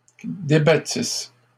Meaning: second-person singular imperfect subjunctive of débattre
- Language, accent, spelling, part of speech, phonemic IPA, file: French, Canada, débattisses, verb, /de.ba.tis/, LL-Q150 (fra)-débattisses.wav